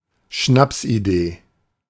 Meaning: An idea that seems clever or brilliant at first but turns out to be stupid on second thought
- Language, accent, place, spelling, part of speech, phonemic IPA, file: German, Germany, Berlin, Schnapsidee, noun, /ˈʃnapsʔiˌdeː/, De-Schnapsidee.ogg